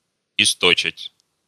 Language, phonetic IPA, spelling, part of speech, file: Russian, [ɪstɐˈt͡ɕætʲ], источать, verb, Ru-исто́чать.ogg
- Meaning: to shed, (fragrance) to exhale